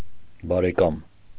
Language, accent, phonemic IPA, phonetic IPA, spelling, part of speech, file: Armenian, Eastern Armenian, /bɑɾeˈkɑm/, [bɑɾekɑ́m], բարեկամ, noun, Hy-բարեկամ.ogg
- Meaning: 1. relative 2. friend, pal 3. buddy